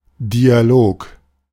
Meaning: dialogue
- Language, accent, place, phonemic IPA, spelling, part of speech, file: German, Germany, Berlin, /diaˈloːk/, Dialog, noun, De-Dialog.ogg